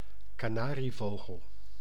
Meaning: a canary, bird of the genus Serinus or specifically Serinus canaria
- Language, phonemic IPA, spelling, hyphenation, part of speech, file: Dutch, /kaːˈnaː.riˌvoː.ɣəl/, kanarievogel, ka‧na‧rie‧vo‧gel, noun, Nl-kanarievogel.ogg